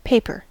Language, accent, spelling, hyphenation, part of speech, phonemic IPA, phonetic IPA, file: English, US, paper, pa‧per, noun / adjective / verb, /ˈpeɪ̯.pəɹ/, [ˈpʰeɪ̯.pɚ], En-us-paper.ogg
- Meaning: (noun) A sheet material typically used for writing on or printing on (or as a non-waterproof container), usually made by draining cellulose fibres from a suspension in water